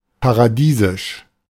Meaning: paradisiacal, heavenly
- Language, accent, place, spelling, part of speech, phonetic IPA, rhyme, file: German, Germany, Berlin, paradiesisch, adjective, [paʁaˈdiːzɪʃ], -iːzɪʃ, De-paradiesisch.ogg